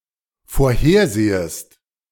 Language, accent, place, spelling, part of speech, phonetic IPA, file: German, Germany, Berlin, vorhersehest, verb, [foːɐ̯ˈheːɐ̯ˌzeːəst], De-vorhersehest.ogg
- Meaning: second-person singular dependent subjunctive I of vorhersehen